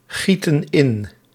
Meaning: inflection of ingieten: 1. plural present indicative 2. plural present subjunctive
- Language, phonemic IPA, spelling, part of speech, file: Dutch, /ˈɣitə(n) ˈɪn/, gieten in, verb, Nl-gieten in.ogg